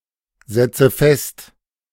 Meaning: inflection of festsetzen: 1. first-person singular present 2. first/third-person singular subjunctive I 3. singular imperative
- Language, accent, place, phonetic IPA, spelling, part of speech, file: German, Germany, Berlin, [ˌzɛt͡sə ˈfɛst], setze fest, verb, De-setze fest.ogg